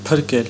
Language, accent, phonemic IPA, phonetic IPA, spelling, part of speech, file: Armenian, Eastern Armenian, /pʰəɾˈkel/, [pʰəɾkél], փրկել, verb, Hy-փրկել.ogg
- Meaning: to save, to rescue